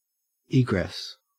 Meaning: 1. An exit or way out 2. The process of exiting or leaving 3. The end of the transit of a celestial body through the disk of an apparently larger one
- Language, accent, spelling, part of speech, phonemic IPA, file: English, Australia, egress, noun, /ˈiːɡɹɛs/, En-au-egress.ogg